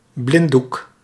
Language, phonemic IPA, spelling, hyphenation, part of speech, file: Dutch, /ˈblɪn.duk/, blinddoek, blind‧doek, noun, Nl-blinddoek.ogg
- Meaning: a blindfold